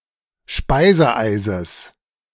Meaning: genitive singular of Speiseeis
- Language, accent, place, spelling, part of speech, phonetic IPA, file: German, Germany, Berlin, Speiseeises, noun, [ˈʃpaɪ̯zəˌʔaɪ̯zəs], De-Speiseeises.ogg